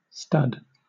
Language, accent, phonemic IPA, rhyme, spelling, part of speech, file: English, Southern England, /stʌd/, -ʌd, stud, noun, LL-Q1860 (eng)-stud.wav
- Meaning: 1. A male animal, especially a stud horse (stallion), kept for breeding 2. A female animal, especially a studmare (broodmare), kept for breeding